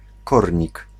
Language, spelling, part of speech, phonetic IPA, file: Polish, kornik, noun, [ˈkɔrʲɲik], Pl-kornik.ogg